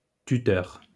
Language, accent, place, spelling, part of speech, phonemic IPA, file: French, France, Lyon, tuteur, noun, /ty.tœʁ/, LL-Q150 (fra)-tuteur.wav
- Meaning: 1. guardian 2. tutor 3. tuteur